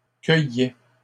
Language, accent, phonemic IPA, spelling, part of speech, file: French, Canada, /kœ.jɛ/, cueillait, verb, LL-Q150 (fra)-cueillait.wav
- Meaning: third-person singular imperfect indicative of cueillir